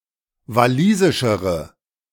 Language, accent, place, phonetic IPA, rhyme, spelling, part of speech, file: German, Germany, Berlin, [vaˈliːzɪʃəʁə], -iːzɪʃəʁə, walisischere, adjective, De-walisischere.ogg
- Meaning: inflection of walisisch: 1. strong/mixed nominative/accusative feminine singular comparative degree 2. strong nominative/accusative plural comparative degree